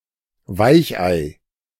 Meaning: wimp, wuss, softy
- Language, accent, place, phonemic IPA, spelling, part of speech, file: German, Germany, Berlin, /ˈvaɪ̯çʔaɪ̯/, Weichei, noun, De-Weichei.ogg